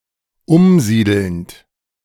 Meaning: present participle of umsiedeln
- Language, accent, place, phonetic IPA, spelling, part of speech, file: German, Germany, Berlin, [ˈʊmˌziːdl̩nt], umsiedelnd, verb, De-umsiedelnd.ogg